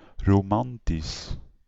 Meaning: romantic
- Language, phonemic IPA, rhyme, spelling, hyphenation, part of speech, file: Dutch, /roːˈmɑntis/, -is, romantisch, ro‧man‧tisch, adjective, Nl-romantisch.ogg